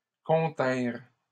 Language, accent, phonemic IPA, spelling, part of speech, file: French, Canada, /kɔ̃.tɛ̃ʁ/, continrent, verb, LL-Q150 (fra)-continrent.wav
- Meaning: third-person plural past historic of contenir